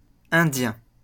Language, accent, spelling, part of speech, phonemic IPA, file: French, France, Indien, noun / proper noun, /ɛ̃.djɛ̃/, LL-Q150 (fra)-Indien.wav
- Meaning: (noun) 1. Indian (resident or native of India) 2. Indian (indigenous person of the Americas); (proper noun) Indus (constellation)